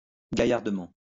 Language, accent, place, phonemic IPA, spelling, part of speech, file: French, France, Lyon, /ɡa.jaʁ.də.mɑ̃/, gaillardement, adverb, LL-Q150 (fra)-gaillardement.wav
- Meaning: in a lively; sprightly way